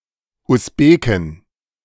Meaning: Uzbek (female) (native or inhabitant of Uzbekistan)
- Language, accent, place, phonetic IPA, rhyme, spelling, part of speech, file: German, Germany, Berlin, [ʊsˈbeːkɪn], -eːkɪn, Usbekin, noun, De-Usbekin.ogg